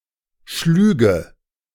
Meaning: first/third-person singular subjunctive II of schlagen
- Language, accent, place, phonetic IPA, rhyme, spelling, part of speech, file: German, Germany, Berlin, [ˈʃlyːɡə], -yːɡə, schlüge, verb, De-schlüge.ogg